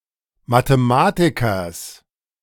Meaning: genitive singular of Mathematiker
- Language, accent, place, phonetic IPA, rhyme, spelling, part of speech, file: German, Germany, Berlin, [matəˈmaːtɪkɐs], -aːtɪkɐs, Mathematikers, noun, De-Mathematikers.ogg